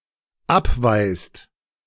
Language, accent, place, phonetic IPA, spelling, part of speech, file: German, Germany, Berlin, [ˈapˌvaɪ̯st], abweist, verb, De-abweist.ogg
- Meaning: inflection of abweisen: 1. second/third-person singular dependent present 2. second-person plural dependent present